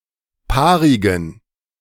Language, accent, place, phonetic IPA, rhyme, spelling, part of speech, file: German, Germany, Berlin, [ˈpaːʁɪɡn̩], -aːʁɪɡn̩, paarigen, adjective, De-paarigen.ogg
- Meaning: inflection of paarig: 1. strong genitive masculine/neuter singular 2. weak/mixed genitive/dative all-gender singular 3. strong/weak/mixed accusative masculine singular 4. strong dative plural